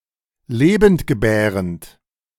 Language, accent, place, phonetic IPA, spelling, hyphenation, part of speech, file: German, Germany, Berlin, [ˈleːbm̩t.ɡəˌbɛːʀənt], lebendgebärend, le‧bend‧ge‧bä‧rend, adjective, De-lebendgebärend.ogg
- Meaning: viviparous, live-bearing